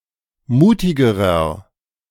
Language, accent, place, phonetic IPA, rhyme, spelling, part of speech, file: German, Germany, Berlin, [ˈmuːtɪɡəʁɐ], -uːtɪɡəʁɐ, mutigerer, adjective, De-mutigerer.ogg
- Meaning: inflection of mutig: 1. strong/mixed nominative masculine singular comparative degree 2. strong genitive/dative feminine singular comparative degree 3. strong genitive plural comparative degree